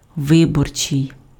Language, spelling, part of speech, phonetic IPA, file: Ukrainian, виборчий, adjective, [ˈʋɪbɔrt͡ʃei̯], Uk-виборчий.ogg
- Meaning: electoral, election (attributive)